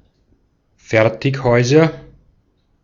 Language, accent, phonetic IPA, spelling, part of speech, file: German, Austria, [ˈfɛʁtɪçˌhɔɪ̯zɐ], Fertighäuser, noun, De-at-Fertighäuser.ogg
- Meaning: nominative/accusative/genitive plural of Fertighaus